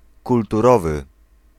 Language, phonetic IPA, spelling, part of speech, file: Polish, [ˌkultuˈrɔvɨ], kulturowy, adjective, Pl-kulturowy.ogg